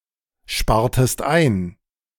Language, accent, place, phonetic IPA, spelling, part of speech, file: German, Germany, Berlin, [ˌʃpaːɐ̯təst ˈaɪ̯n], spartest ein, verb, De-spartest ein.ogg
- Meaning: inflection of einsparen: 1. second-person singular preterite 2. second-person singular subjunctive II